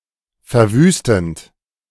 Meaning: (verb) present participle of verwüsten; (adjective) devastating, ravaging, desolating
- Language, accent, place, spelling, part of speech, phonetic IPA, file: German, Germany, Berlin, verwüstend, verb, [fɛɐ̯ˈvyːstn̩t], De-verwüstend.ogg